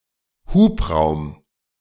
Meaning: cubic capacity or cylinder capacity; engine displacement
- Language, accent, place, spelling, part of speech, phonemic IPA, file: German, Germany, Berlin, Hubraum, noun, /ˈhuːpˌʁaʊ̯m/, De-Hubraum.ogg